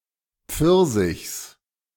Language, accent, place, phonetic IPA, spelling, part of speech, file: German, Germany, Berlin, [ˈp͡fɪʁzɪçs], Pfirsichs, noun, De-Pfirsichs.ogg
- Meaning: genitive singular of Pfirsich